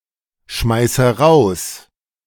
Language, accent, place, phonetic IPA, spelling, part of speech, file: German, Germany, Berlin, [ˌʃmaɪ̯sə ˈʁaʊ̯s], schmeiße raus, verb, De-schmeiße raus.ogg
- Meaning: inflection of rausschmeißen: 1. first-person singular present 2. first/third-person singular subjunctive I 3. singular imperative